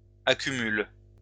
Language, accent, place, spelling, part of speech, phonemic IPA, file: French, France, Lyon, accumulent, verb, /a.ky.myl/, LL-Q150 (fra)-accumulent.wav
- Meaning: third-person plural present indicative/subjunctive of accumuler